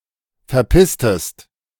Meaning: inflection of verpissen: 1. second-person singular preterite 2. second-person singular subjunctive II
- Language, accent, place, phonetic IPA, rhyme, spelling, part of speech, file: German, Germany, Berlin, [fɛɐ̯ˈpɪstəst], -ɪstəst, verpisstest, verb, De-verpisstest.ogg